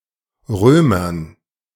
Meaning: dative plural of Römer
- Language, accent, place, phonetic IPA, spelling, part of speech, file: German, Germany, Berlin, [ˈʁøːmɐn], Römern, noun, De-Römern.ogg